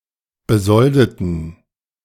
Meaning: inflection of besolden: 1. first/third-person plural preterite 2. first/third-person plural subjunctive II
- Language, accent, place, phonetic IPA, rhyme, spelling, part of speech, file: German, Germany, Berlin, [bəˈzɔldətn̩], -ɔldətn̩, besoldeten, adjective / verb, De-besoldeten.ogg